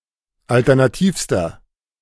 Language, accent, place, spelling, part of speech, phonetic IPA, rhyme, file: German, Germany, Berlin, alternativster, adjective, [ˌaltɛʁnaˈtiːfstɐ], -iːfstɐ, De-alternativster.ogg
- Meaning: inflection of alternativ: 1. strong/mixed nominative masculine singular superlative degree 2. strong genitive/dative feminine singular superlative degree 3. strong genitive plural superlative degree